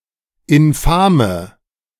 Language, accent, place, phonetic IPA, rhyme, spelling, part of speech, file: German, Germany, Berlin, [ɪnˈfaːmə], -aːmə, infame, adjective, De-infame.ogg
- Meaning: inflection of infam: 1. strong/mixed nominative/accusative feminine singular 2. strong nominative/accusative plural 3. weak nominative all-gender singular 4. weak accusative feminine/neuter singular